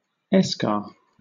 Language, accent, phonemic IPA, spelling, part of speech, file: English, Southern England, /ˈɛskɑː/, eschar, noun, LL-Q1860 (eng)-eschar.wav
- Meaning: A superficial structure of dead tissue, usually hardened, and commonly but not necessarily dark, adhering to underlying living or necrotic tissue, caused by gangrene or a burn